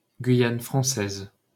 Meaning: French Guiana (an overseas department and administrative region of France in South America)
- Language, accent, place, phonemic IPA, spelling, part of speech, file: French, France, Paris, /ɡɥi.jan fʁɑ̃.sɛz/, Guyane française, proper noun, LL-Q150 (fra)-Guyane française.wav